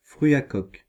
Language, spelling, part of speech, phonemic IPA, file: French, fruit à coque, noun, /fʁɥi a kɔk/, Fr-fruit à coque.ogg
- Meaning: nut (a seed possessing a hard shell)